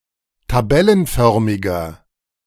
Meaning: inflection of tabellenförmig: 1. strong/mixed nominative masculine singular 2. strong genitive/dative feminine singular 3. strong genitive plural
- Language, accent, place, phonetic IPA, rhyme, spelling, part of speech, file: German, Germany, Berlin, [taˈbɛlənˌfœʁmɪɡɐ], -ɛlənfœʁmɪɡɐ, tabellenförmiger, adjective, De-tabellenförmiger.ogg